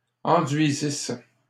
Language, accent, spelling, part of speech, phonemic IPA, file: French, Canada, enduisissent, verb, /ɑ̃.dɥi.zis/, LL-Q150 (fra)-enduisissent.wav
- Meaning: third-person plural imperfect subjunctive of enduire